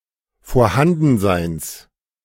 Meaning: genitive singular of Vorhandensein
- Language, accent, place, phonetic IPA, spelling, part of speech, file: German, Germany, Berlin, [foːɐ̯ˈhandn̩zaɪ̯ns], Vorhandenseins, noun, De-Vorhandenseins.ogg